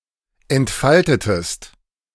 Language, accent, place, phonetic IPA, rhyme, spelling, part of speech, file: German, Germany, Berlin, [ɛntˈfaltətəst], -altətəst, entfaltetest, verb, De-entfaltetest.ogg
- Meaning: inflection of entfalten: 1. second-person singular preterite 2. second-person singular subjunctive II